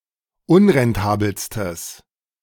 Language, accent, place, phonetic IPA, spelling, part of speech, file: German, Germany, Berlin, [ˈʊnʁɛnˌtaːbl̩stəs], unrentabelstes, adjective, De-unrentabelstes.ogg
- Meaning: strong/mixed nominative/accusative neuter singular superlative degree of unrentabel